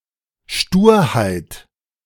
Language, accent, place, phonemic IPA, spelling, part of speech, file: German, Germany, Berlin, /ˈʃtuːɐ̯haɪ̯t/, Sturheit, noun, De-Sturheit.ogg
- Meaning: stubbornness, obstinacy